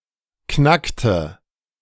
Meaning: inflection of knacken: 1. first/third-person singular preterite 2. first/third-person singular subjunctive II
- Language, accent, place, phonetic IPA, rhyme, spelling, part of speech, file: German, Germany, Berlin, [ˈknaktə], -aktə, knackte, verb, De-knackte.ogg